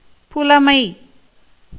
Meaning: 1. knowledge, learning 2. fluency, proficiency 3. poetic talent or ability 4. spiritual wisdom
- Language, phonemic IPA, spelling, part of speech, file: Tamil, /pʊlɐmɐɪ̯/, புலமை, noun, Ta-புலமை.ogg